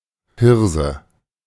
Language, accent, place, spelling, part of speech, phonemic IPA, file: German, Germany, Berlin, Hirse, noun, /ˈhɪʁzə/, De-Hirse.ogg
- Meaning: millet